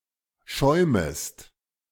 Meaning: second-person singular subjunctive I of schäumen
- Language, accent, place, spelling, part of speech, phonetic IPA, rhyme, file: German, Germany, Berlin, schäumest, verb, [ˈʃɔɪ̯məst], -ɔɪ̯məst, De-schäumest.ogg